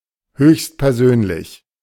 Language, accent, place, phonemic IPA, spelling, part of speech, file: German, Germany, Berlin, /ˌhøːçstpɛʁˈzøːnlɪç/, höchstpersönlich, adverb, De-höchstpersönlich.ogg
- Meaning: Of an important or famous person, (jocularly of other persons) in person; personally (when one might expect otherwise)